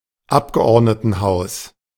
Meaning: house of representatives / deputies (in parliament)
- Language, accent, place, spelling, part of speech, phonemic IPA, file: German, Germany, Berlin, Abgeordnetenhaus, noun, /ˈapɡəʔɔʁdnətn̩ˌhaʊ̯s/, De-Abgeordnetenhaus.ogg